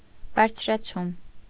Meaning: raising, rise, heightening
- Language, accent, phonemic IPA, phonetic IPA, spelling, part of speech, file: Armenian, Eastern Armenian, /bɑɾt͡sʰɾɑˈt͡sʰum/, [bɑɾt͡sʰɾɑt͡sʰúm], բարձրացում, noun, Hy-բարձրացում.ogg